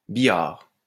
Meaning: 1. billiards 2. pool table 3. operating table
- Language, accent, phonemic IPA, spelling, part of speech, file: French, France, /bi.jaʁ/, billard, noun, LL-Q150 (fra)-billard.wav